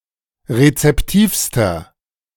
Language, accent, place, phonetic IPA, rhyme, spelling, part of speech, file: German, Germany, Berlin, [ʁet͡sɛpˈtiːfstɐ], -iːfstɐ, rezeptivster, adjective, De-rezeptivster.ogg
- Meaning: inflection of rezeptiv: 1. strong/mixed nominative masculine singular superlative degree 2. strong genitive/dative feminine singular superlative degree 3. strong genitive plural superlative degree